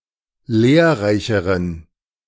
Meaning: inflection of lehrreich: 1. strong genitive masculine/neuter singular comparative degree 2. weak/mixed genitive/dative all-gender singular comparative degree
- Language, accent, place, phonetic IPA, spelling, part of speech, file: German, Germany, Berlin, [ˈleːɐ̯ˌʁaɪ̯çəʁən], lehrreicheren, adjective, De-lehrreicheren.ogg